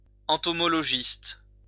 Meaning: entomologist
- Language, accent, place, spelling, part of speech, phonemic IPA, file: French, France, Lyon, entomologiste, noun, /ɑ̃.tɔ.mɔ.lɔ.ʒist/, LL-Q150 (fra)-entomologiste.wav